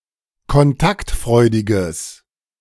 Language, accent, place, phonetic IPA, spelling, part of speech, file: German, Germany, Berlin, [kɔnˈtaktˌfʁɔɪ̯dɪɡəs], kontaktfreudiges, adjective, De-kontaktfreudiges.ogg
- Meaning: strong/mixed nominative/accusative neuter singular of kontaktfreudig